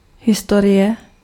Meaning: 1. history (aggregate of past events) 2. history (branch of learning) 3. history 4. story
- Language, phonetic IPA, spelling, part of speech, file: Czech, [ˈɦɪstorɪjɛ], historie, noun, Cs-historie.ogg